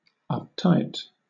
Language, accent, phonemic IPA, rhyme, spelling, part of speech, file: English, Southern England, /ʌpˈtaɪt/, -aɪt, uptight, adjective / noun, LL-Q1860 (eng)-uptight.wav
- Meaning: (adjective) 1. Excessively concerned with rules and order, always serious 2. Emotionally repressed; nervous and tense 3. Sexually repressed 4. Unfriendly or rude; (noun) An uptight person